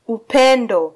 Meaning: love (emotion, strong affection)
- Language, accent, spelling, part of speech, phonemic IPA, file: Swahili, Kenya, upendo, noun, /uˈpɛ.ⁿdɔ/, Sw-ke-upendo.flac